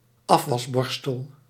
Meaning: a washing-up brush, a dishwashing brush
- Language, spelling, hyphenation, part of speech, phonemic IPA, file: Dutch, afwasborstel, af‧was‧bor‧stel, noun, /ˈɑf.ʋɑsˌbɔr.stəl/, Nl-afwasborstel.ogg